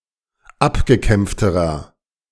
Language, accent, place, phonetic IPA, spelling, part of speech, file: German, Germany, Berlin, [ˈapɡəˌkɛmp͡ftəʁɐ], abgekämpfterer, adjective, De-abgekämpfterer.ogg
- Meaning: inflection of abgekämpft: 1. strong/mixed nominative masculine singular comparative degree 2. strong genitive/dative feminine singular comparative degree 3. strong genitive plural comparative degree